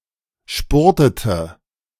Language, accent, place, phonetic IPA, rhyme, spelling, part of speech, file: German, Germany, Berlin, [ˈʃpʊʁtətə], -ʊʁtətə, spurtete, verb, De-spurtete.ogg
- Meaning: inflection of spurten: 1. first/third-person singular preterite 2. first/third-person singular subjunctive II